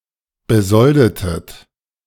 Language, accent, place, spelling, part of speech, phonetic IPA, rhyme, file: German, Germany, Berlin, besoldetet, verb, [bəˈzɔldətət], -ɔldətət, De-besoldetet.ogg
- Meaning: inflection of besolden: 1. second-person plural preterite 2. second-person plural subjunctive II